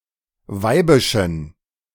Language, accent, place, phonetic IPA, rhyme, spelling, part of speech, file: German, Germany, Berlin, [ˈvaɪ̯bɪʃn̩], -aɪ̯bɪʃn̩, weibischen, adjective, De-weibischen.ogg
- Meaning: inflection of weibisch: 1. strong genitive masculine/neuter singular 2. weak/mixed genitive/dative all-gender singular 3. strong/weak/mixed accusative masculine singular 4. strong dative plural